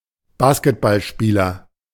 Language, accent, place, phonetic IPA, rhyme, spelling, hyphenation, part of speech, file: German, Germany, Berlin, [ˈbaskətbalˌʃpiːlɐ], -iːlɐ, Basketballspieler, Bas‧ket‧ball‧spie‧ler, noun, De-Basketballspieler.ogg
- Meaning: basketball player, basketballer (male or of unspecified sex)